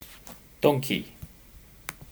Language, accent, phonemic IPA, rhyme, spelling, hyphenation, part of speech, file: English, UK, /ˈdɒŋ.ki/, -ɒŋki, donkey, don‧key, noun, En-uk-donkey.ogg
- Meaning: 1. A domestic animal, Equus asinus asinus, similar to a horse 2. A stubborn person 3. A fool 4. A small auxiliary engine 5. A box or chest, especially a toolbox 6. A bad poker player